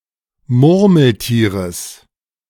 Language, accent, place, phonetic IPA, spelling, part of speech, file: German, Germany, Berlin, [ˈmʊʁml̩ˌtiːʁəs], Murmeltieres, noun, De-Murmeltieres.ogg
- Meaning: genitive singular of Murmeltier